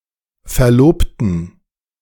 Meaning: inflection of Verlobter: 1. genitive singular 2. strong genitive/accusative singular 3. strong dative plural 4. weak/mixed nominative plural 5. weak/mixed genitive/dative/accusative singular/plural
- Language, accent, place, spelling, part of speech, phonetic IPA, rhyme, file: German, Germany, Berlin, Verlobten, noun, [fɛɐ̯ˈloːptn̩], -oːptn̩, De-Verlobten.ogg